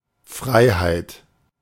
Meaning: 1. freedom 2. liberty 3. clearance
- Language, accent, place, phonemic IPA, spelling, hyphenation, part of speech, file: German, Germany, Berlin, /ˈfʁaɪ̯haɪ̯t/, Freiheit, Frei‧heit, noun, De-Freiheit.ogg